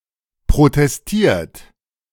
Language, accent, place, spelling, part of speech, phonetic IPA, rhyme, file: German, Germany, Berlin, protestiert, verb, [pʁotɛsˈtiːɐ̯t], -iːɐ̯t, De-protestiert.ogg
- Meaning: 1. past participle of protestieren 2. inflection of protestieren: third-person singular present 3. inflection of protestieren: second-person plural present